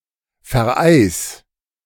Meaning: 1. singular imperative of vereisen 2. first-person singular present of vereisen
- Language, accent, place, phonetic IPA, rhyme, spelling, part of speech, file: German, Germany, Berlin, [fɛɐ̯ˈʔaɪ̯s], -aɪ̯s, vereis, verb, De-vereis.ogg